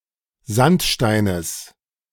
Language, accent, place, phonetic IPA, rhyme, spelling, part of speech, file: German, Germany, Berlin, [ˈzantˌʃtaɪ̯nəs], -antʃtaɪ̯nəs, Sandsteines, noun, De-Sandsteines.ogg
- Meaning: genitive of Sandstein